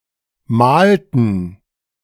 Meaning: inflection of mahlen: 1. first/third-person plural preterite 2. first/third-person plural subjunctive II
- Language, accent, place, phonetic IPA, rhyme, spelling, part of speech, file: German, Germany, Berlin, [ˈmaːltn̩], -aːltn̩, mahlten, verb, De-mahlten.ogg